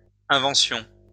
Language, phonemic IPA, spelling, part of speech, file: French, /ɛ̃.vɑ̃.sjɔ̃/, inventions, noun, LL-Q150 (fra)-inventions.wav
- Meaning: plural of invention